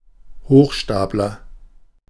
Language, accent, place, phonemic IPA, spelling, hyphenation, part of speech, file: German, Germany, Berlin, /ˈhoːxˌʃtaːp.lɐ/, Hochstapler, Hoch‧stap‧ler, noun, De-Hochstapler.ogg
- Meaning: conman, con man, impostor